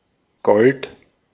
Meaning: gold (chemical element, Au)
- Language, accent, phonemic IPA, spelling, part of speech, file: German, Austria, /ɡɔlt/, Gold, noun, De-at-Gold.ogg